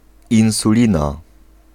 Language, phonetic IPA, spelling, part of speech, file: Polish, [ˌĩw̃suˈlʲĩna], insulina, noun, Pl-insulina.ogg